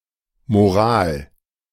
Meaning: 1. moral, morality 2. morale
- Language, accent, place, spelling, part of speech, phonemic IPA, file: German, Germany, Berlin, Moral, noun, /moˈʁaːl/, De-Moral.ogg